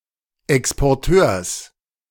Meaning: genitive singular of Exporteur
- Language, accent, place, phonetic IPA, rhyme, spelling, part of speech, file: German, Germany, Berlin, [ɛkspɔʁˈtøːɐ̯s], -øːɐ̯s, Exporteurs, noun, De-Exporteurs.ogg